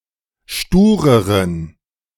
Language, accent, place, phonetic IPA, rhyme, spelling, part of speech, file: German, Germany, Berlin, [ˈʃtuːʁəʁən], -uːʁəʁən, stureren, adjective, De-stureren.ogg
- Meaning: inflection of stur: 1. strong genitive masculine/neuter singular comparative degree 2. weak/mixed genitive/dative all-gender singular comparative degree